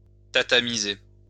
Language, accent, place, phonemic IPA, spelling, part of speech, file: French, France, Lyon, /ta.ta.mi.ze/, tatamiser, verb, LL-Q150 (fra)-tatamiser.wav
- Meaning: to be or to become Japanese in culture or style; to Japanize